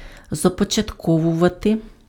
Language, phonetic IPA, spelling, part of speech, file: Ukrainian, [zɐpɔt͡ʃɐtˈkɔwʊʋɐte], започатковувати, verb, Uk-започатковувати.ogg
- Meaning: to initiate, to launch, to start